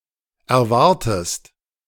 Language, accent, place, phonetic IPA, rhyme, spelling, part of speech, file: German, Germany, Berlin, [ɛɐ̯ˈvaʁtəst], -aʁtəst, erwartest, verb, De-erwartest.ogg
- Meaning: inflection of erwarten: 1. second-person singular present 2. second-person singular subjunctive I